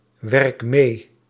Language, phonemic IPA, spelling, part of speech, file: Dutch, /ˈwɛrᵊk ˈme/, werk mee, verb, Nl-werk mee.ogg
- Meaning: inflection of meewerken: 1. first-person singular present indicative 2. second-person singular present indicative 3. imperative